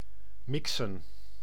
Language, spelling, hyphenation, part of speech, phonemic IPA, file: Dutch, mixen, mixen, verb / noun, /ˈmɪksə(n)/, Nl-mixen.ogg
- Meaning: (verb) to mix; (noun) plural of mix